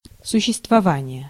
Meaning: 1. existence, being 2. subsistence
- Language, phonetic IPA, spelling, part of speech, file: Russian, [sʊɕːɪstvɐˈvanʲɪje], существование, noun, Ru-существование.ogg